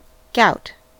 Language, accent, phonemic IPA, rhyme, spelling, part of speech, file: English, US, /ɡaʊt/, -aʊt, gout, noun / verb, En-us-gout.ogg